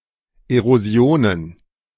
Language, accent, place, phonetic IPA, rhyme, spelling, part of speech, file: German, Germany, Berlin, [eʁoˈzi̯oːnən], -oːnən, Erosionen, noun, De-Erosionen.ogg
- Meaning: plural of Erosion